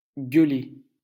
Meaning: to yell, to scream
- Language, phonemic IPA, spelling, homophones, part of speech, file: French, /ɡœ.le/, gueuler, gueulai / gueulé / gueulée / gueulées / gueulés / gueulez, verb, LL-Q150 (fra)-gueuler.wav